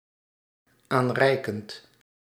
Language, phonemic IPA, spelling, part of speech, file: Dutch, /ˈanrɛikənt/, aanreikend, verb, Nl-aanreikend.ogg
- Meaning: present participle of aanreiken